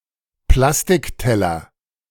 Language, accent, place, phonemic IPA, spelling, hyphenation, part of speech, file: German, Germany, Berlin, /ˈplastɪkˌtɛlɐ/, Plastikteller, Plas‧tik‧tel‧ler, noun, De-Plastikteller.ogg
- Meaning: plastic plate